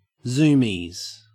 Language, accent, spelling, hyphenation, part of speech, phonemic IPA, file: English, Australia, zoomies, zoom‧ies, noun, /ˈzuːmiz/, En-au-zoomies.ogg
- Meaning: 1. plural of zoomie 2. Nontechnical units of radiation, such as are present in a compartment containing or near nuclear weapons or a nuclear reactor, or are picked up on a dosimeter